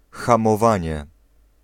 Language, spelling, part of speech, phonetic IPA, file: Polish, hamowanie, noun, [ˌxãmɔˈvãɲɛ], Pl-hamowanie.ogg